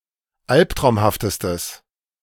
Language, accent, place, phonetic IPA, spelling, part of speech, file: German, Germany, Berlin, [ˈalptʁaʊ̯mhaftəstəs], alptraumhaftestes, adjective, De-alptraumhaftestes.ogg
- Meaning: strong/mixed nominative/accusative neuter singular superlative degree of alptraumhaft